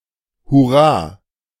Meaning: hooray
- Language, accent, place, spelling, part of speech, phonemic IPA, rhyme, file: German, Germany, Berlin, hurra, interjection, /hʊˈraː/, -aː, De-hurra.ogg